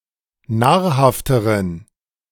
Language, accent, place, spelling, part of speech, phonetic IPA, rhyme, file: German, Germany, Berlin, nahrhafteren, adjective, [ˈnaːɐ̯ˌhaftəʁən], -aːɐ̯haftəʁən, De-nahrhafteren.ogg
- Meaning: inflection of nahrhaft: 1. strong genitive masculine/neuter singular comparative degree 2. weak/mixed genitive/dative all-gender singular comparative degree